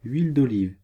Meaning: olive oil
- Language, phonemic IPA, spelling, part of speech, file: French, /ɥil d‿ɔ.liv/, huile d'olive, noun, Fr-huile d'olive.ogg